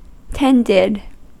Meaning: simple past and past participle of tend
- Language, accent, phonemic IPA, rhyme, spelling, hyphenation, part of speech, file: English, US, /ˈtɛndɪd/, -ɛndɪd, tended, tend‧ed, verb, En-us-tended.ogg